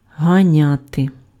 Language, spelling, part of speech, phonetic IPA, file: Ukrainian, ганяти, verb, [ɦɐˈnʲate], Uk-ганяти.ogg
- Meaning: to chase, to pursue